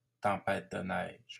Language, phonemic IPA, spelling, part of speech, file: French, /tɑ̃.pɛt də nɛʒ/, tempête de neige, noun, LL-Q150 (fra)-tempête de neige.wav
- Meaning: snowstorm (bad weather involving blowing winds and snow)